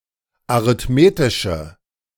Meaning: inflection of arithmetisch: 1. strong/mixed nominative/accusative feminine singular 2. strong nominative/accusative plural 3. weak nominative all-gender singular
- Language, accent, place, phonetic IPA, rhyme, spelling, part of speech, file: German, Germany, Berlin, [aʁɪtˈmeːtɪʃə], -eːtɪʃə, arithmetische, adjective, De-arithmetische.ogg